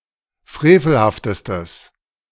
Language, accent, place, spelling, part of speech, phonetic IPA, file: German, Germany, Berlin, frevelhaftestes, adjective, [ˈfʁeːfl̩haftəstəs], De-frevelhaftestes.ogg
- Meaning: strong/mixed nominative/accusative neuter singular superlative degree of frevelhaft